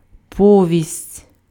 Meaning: 1. novella (short novel) 2. story, tale, narrative
- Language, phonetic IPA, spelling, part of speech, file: Ukrainian, [ˈpɔʋʲisʲtʲ], повість, noun, Uk-повість.ogg